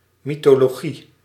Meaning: mythology (collection and study of myths)
- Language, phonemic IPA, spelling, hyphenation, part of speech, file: Dutch, /ˌmi.toː.loːˈɣi/, mythologie, my‧tho‧lo‧gie, noun, Nl-mythologie.ogg